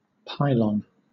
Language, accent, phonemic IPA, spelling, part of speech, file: English, Southern England, /ˈpaɪ.lən/, pylon, noun, LL-Q1860 (eng)-pylon.wav
- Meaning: 1. A gateway to the inner part of an Ancient Egyptian temple 2. A tower-like structure, usually one of a series, used to support high-voltage electricity cables 3. A pillar used to support a bridge